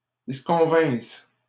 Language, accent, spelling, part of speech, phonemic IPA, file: French, Canada, disconvinsse, verb, /dis.kɔ̃.vɛ̃s/, LL-Q150 (fra)-disconvinsse.wav
- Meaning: first-person singular imperfect subjunctive of disconvenir